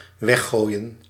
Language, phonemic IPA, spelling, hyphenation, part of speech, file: Dutch, /ˈʋɛxˌɣoːi̯.ə(n)/, weggooien, weg‧gooi‧en, verb, Nl-weggooien.ogg
- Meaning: to throw away, discard